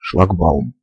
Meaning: boom barrier, boom gate, crossing barrier, rising barrier (structure that bars passage)
- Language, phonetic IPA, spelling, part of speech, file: Russian, [ʂɫɐɡˈbaʊm], шлагбаум, noun, Ru-Schlagbaum.ogg